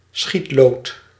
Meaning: plummet (lead on a line), plumb, plumb bob, plumb line
- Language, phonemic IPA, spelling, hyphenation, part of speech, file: Dutch, /ˈsxitloːt/, schietlood, schiet‧lood, noun, Nl-schietlood.ogg